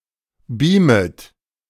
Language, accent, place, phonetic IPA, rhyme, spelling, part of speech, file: German, Germany, Berlin, [ˈbiːmət], -iːmət, beamet, verb, De-beamet.ogg
- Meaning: second-person plural subjunctive I of beamen